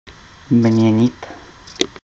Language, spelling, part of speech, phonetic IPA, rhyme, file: Czech, měnit, verb, [ˈmɲɛɲɪt], -ɛɲɪt, Cs-měnit.ogg
- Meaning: 1. to change 2. to replace 3. to exchange money